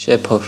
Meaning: trumpet
- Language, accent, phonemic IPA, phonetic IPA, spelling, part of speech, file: Armenian, Eastern Armenian, /ʃeˈpʰoɾ/, [ʃepʰóɾ], շեփոր, noun, Hy-շեփոր.ogg